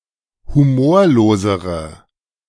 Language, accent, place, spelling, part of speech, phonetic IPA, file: German, Germany, Berlin, humorlosere, adjective, [huˈmoːɐ̯loːzəʁə], De-humorlosere.ogg
- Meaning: inflection of humorlos: 1. strong/mixed nominative/accusative feminine singular comparative degree 2. strong nominative/accusative plural comparative degree